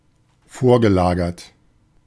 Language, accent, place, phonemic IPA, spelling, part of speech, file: German, Germany, Berlin, /ˈfoːɐ̯ɡəˌlaːɡɐt/, vorgelagert, adjective, De-vorgelagert.ogg
- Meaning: foremost; upstream